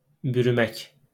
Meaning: 1. to wrap up in 2. to cover up, conceal 3. to catch hold of 4. to surround 5. to envelop, to shroud
- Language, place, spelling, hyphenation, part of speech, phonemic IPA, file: Azerbaijani, Baku, bürümək, bü‧rü‧mək, verb, /byryˈmæk/, LL-Q9292 (aze)-bürümək.wav